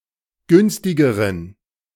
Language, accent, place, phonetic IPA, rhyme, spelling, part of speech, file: German, Germany, Berlin, [ˈɡʏnstɪɡəʁən], -ʏnstɪɡəʁən, günstigeren, adjective, De-günstigeren.ogg
- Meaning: inflection of günstig: 1. strong genitive masculine/neuter singular comparative degree 2. weak/mixed genitive/dative all-gender singular comparative degree